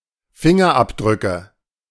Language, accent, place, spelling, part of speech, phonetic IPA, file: German, Germany, Berlin, Fingerabdrücke, noun, [ˈfɪŋɐʔapdʁʏkə], De-Fingerabdrücke.ogg
- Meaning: nominative/accusative/genitive plural of Fingerabdruck